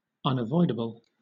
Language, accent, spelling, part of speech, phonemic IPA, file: English, Southern England, unavoidable, adjective / noun, /ˌʌnəˈvɔɪdəbəl/, LL-Q1860 (eng)-unavoidable.wav
- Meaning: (adjective) 1. Impossible to avoid; bound to happen 2. Not voidable; incapable of being made null or void; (noun) Something that cannot be avoided